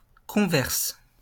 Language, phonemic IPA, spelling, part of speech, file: French, /kɔ̃.vɛʁs/, converse, adjective / verb, LL-Q150 (fra)-converse.wav
- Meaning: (adjective) feminine singular of convers; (verb) inflection of converser: 1. first/third-person singular present indicative/subjunctive 2. second-person singular imperative